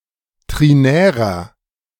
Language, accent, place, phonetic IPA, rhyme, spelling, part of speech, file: German, Germany, Berlin, [ˌtʁiˈnɛːʁɐ], -ɛːʁɐ, trinärer, adjective, De-trinärer.ogg
- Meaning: inflection of trinär: 1. strong/mixed nominative masculine singular 2. strong genitive/dative feminine singular 3. strong genitive plural